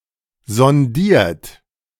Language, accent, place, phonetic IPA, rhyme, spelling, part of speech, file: German, Germany, Berlin, [zɔnˈdiːɐ̯t], -iːɐ̯t, sondiert, verb, De-sondiert.ogg
- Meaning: 1. past participle of sondieren 2. inflection of sondieren: second-person plural present 3. inflection of sondieren: third-person singular present 4. inflection of sondieren: plural imperative